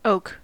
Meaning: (noun) A deciduous tree with distinctive deeply lobed leaves, acorns, and notably strong wood, typically of England and northeastern North America, included in genus Quercus
- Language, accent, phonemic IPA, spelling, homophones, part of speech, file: English, General American, /oʊk/, oak, oke, noun / adjective / verb, En-us-oak.ogg